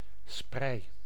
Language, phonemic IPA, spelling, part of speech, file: Dutch, /sprɛi/, sprei, noun, Nl-sprei.ogg
- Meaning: bedcover, bedspread